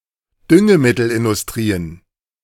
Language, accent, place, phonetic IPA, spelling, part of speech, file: German, Germany, Berlin, [ˈdʏŋəmɪtl̩ʔɪndʊsˌtʁiːən], Düngemittelindustrien, noun, De-Düngemittelindustrien.ogg
- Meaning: plural of Düngemittelindustrie